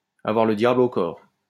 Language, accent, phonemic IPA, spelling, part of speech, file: French, France, /a.vwaʁ lə dja.bl‿o kɔʁ/, avoir le diable au corps, verb, LL-Q150 (fra)-avoir le diable au corps.wav
- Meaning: to have the devil in one, to be a real handful, to be very energetic, to be restless, to be running around frantically